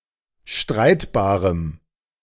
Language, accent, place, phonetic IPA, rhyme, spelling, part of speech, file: German, Germany, Berlin, [ˈʃtʁaɪ̯tbaːʁəm], -aɪ̯tbaːʁəm, streitbarem, adjective, De-streitbarem.ogg
- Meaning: strong dative masculine/neuter singular of streitbar